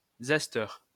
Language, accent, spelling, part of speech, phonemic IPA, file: French, France, zesteur, noun, /zɛs.tœʁ/, LL-Q150 (fra)-zesteur.wav
- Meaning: zester